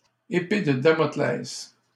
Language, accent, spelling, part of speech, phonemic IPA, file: French, Canada, épée de Damoclès, noun, /e.pe də da.mɔ.klɛs/, LL-Q150 (fra)-épée de Damoclès.wav
- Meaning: sword of Damocles (a thing or situation which causes a prolonged state of impending doom or misfortune)